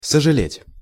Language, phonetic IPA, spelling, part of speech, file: Russian, [səʐɨˈlʲetʲ], сожалеть, verb, Ru-сожалеть.ogg
- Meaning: 1. to pity, to be sorry (for someone) 2. to regret, to deplore, to be sorry (that)